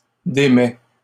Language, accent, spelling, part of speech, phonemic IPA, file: French, Canada, démets, verb, /de.mɛ/, LL-Q150 (fra)-démets.wav
- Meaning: inflection of démettre: 1. first/second-person singular present indicative 2. second-person singular imperative